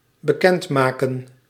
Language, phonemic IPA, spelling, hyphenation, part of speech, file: Dutch, /bəˈkɛntmaːkə(n)/, bekendmaken, be‧kend‧ma‧ken, verb, Nl-bekendmaken.ogg
- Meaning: 1. to announce, to make known 2. to denounce